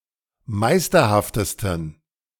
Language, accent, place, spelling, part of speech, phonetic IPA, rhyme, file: German, Germany, Berlin, meisterhaftesten, adjective, [ˈmaɪ̯stɐhaftəstn̩], -aɪ̯stɐhaftəstn̩, De-meisterhaftesten.ogg
- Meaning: 1. superlative degree of meisterhaft 2. inflection of meisterhaft: strong genitive masculine/neuter singular superlative degree